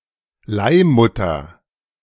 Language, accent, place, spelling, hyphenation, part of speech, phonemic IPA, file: German, Germany, Berlin, Leihmutter, Leih‧mut‧ter, noun, /ˈlaɪ̯mʊtɐ/, De-Leihmutter.ogg
- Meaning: surrogate mother